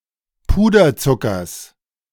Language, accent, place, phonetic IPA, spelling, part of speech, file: German, Germany, Berlin, [ˈpuːdɐˌt͡sʊkɐs], Puderzuckers, noun, De-Puderzuckers.ogg
- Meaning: genitive singular of Puderzucker